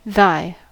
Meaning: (determiner) Possessive form of thou: that which belongs to thee; which belongs to you (singular)
- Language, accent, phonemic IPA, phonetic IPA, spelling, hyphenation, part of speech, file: English, US, /ˈðaɪ̯/, [ˈðaɪ̯], thy, thy, determiner / conjunction, En-us-thy.ogg